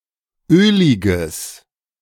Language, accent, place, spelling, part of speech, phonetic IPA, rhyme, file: German, Germany, Berlin, öliges, adjective, [ˈøːlɪɡəs], -øːlɪɡəs, De-öliges.ogg
- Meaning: strong/mixed nominative/accusative neuter singular of ölig